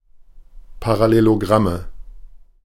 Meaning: nominative/accusative/genitive plural of Parallelogramm
- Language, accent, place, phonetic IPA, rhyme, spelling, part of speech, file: German, Germany, Berlin, [paʁaˌleloˈɡʁamə], -amə, Parallelogramme, noun, De-Parallelogramme.ogg